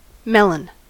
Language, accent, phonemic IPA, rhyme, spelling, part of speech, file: English, US, /ˈmɛlən/, -ɛlən, melon, noun / adjective, En-us-melon.ogg